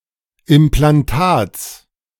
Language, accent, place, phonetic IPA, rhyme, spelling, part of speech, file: German, Germany, Berlin, [ɪmplanˈtaːt͡s], -aːt͡s, Implantats, noun, De-Implantats.ogg
- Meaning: genitive singular of Implantat